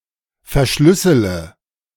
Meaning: inflection of verschlüsseln: 1. first-person singular present 2. first/third-person singular subjunctive I 3. singular imperative
- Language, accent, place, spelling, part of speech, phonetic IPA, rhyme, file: German, Germany, Berlin, verschlüssele, verb, [fɛɐ̯ˈʃlʏsələ], -ʏsələ, De-verschlüssele.ogg